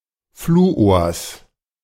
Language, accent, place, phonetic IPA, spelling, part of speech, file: German, Germany, Berlin, [ˈfluːoːɐ̯s], Fluors, noun, De-Fluors.ogg
- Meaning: genitive singular of Fluor